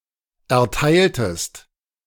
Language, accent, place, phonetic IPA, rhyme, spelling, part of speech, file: German, Germany, Berlin, [ɛɐ̯ˈtaɪ̯ltəst], -aɪ̯ltəst, erteiltest, verb, De-erteiltest.ogg
- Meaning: inflection of erteilen: 1. second-person singular preterite 2. second-person singular subjunctive II